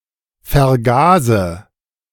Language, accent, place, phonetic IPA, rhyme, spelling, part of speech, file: German, Germany, Berlin, [fɛɐ̯ˈɡaːzə], -aːzə, vergase, verb, De-vergase.ogg
- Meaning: inflection of vergasen: 1. first-person singular present 2. first/third-person singular subjunctive I 3. singular imperative